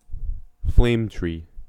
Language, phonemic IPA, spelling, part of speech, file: English, /fleɪm tɹiː/, flame tree, noun, En-us-flame tree.ogg
- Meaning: Any tree or shrub with yellow or bright red flowers from several species including